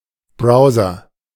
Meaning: A browser program
- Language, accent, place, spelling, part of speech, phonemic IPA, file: German, Germany, Berlin, Browser, noun, /ˈbʁaʊ̯zɐ/, De-Browser.ogg